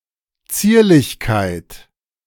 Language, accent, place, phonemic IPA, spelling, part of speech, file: German, Germany, Berlin, /ˈt͡siːɐ̯lɪçkaɪ̯t/, Zierlichkeit, noun, De-Zierlichkeit.ogg
- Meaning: daintiness, petiteness